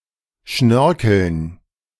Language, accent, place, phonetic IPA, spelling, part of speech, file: German, Germany, Berlin, [ˈʃnœʁkl̩n], Schnörkeln, noun, De-Schnörkeln.ogg
- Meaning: dative plural of Schnörkel